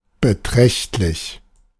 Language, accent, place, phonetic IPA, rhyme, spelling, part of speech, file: German, Germany, Berlin, [bəˈtʁɛçtlɪç], -ɛçtlɪç, beträchtlich, adjective, De-beträchtlich.ogg
- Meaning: substantial, considerable